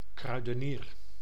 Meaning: grocer
- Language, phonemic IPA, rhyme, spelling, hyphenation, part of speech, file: Dutch, /ˌkrœy̯.dəˈniːr/, -iːr, kruidenier, krui‧de‧nier, noun, Nl-kruidenier.ogg